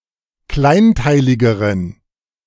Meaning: inflection of kleinteilig: 1. strong genitive masculine/neuter singular comparative degree 2. weak/mixed genitive/dative all-gender singular comparative degree
- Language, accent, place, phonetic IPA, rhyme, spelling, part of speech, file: German, Germany, Berlin, [ˈklaɪ̯nˌtaɪ̯lɪɡəʁən], -aɪ̯ntaɪ̯lɪɡəʁən, kleinteiligeren, adjective, De-kleinteiligeren.ogg